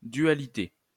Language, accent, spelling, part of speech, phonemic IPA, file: French, France, dualité, noun, /dɥa.li.te/, LL-Q150 (fra)-dualité.wav
- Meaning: duality; twoness